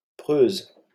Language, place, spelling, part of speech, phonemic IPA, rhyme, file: French, Paris, preuse, adjective, /pʁøz/, -øz, LL-Q150 (fra)-preuse.wav
- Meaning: feminine singular of preux